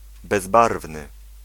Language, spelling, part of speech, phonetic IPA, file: Polish, bezbarwny, adjective, [bɛzˈbarvnɨ], Pl-bezbarwny.ogg